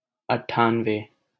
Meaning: ninety-eight
- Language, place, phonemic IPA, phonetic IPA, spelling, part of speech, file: Hindi, Delhi, /əʈ.ʈʰɑːn.ʋeː/, [ɐʈ̚.ʈʰä̃ːn.weː], अट्ठानवे, numeral, LL-Q1568 (hin)-अट्ठानवे.wav